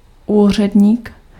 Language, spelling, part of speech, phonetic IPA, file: Czech, úředník, noun, [ˈuːr̝ɛdɲiːk], Cs-úředník.ogg
- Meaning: clerk (one working with records etc.), official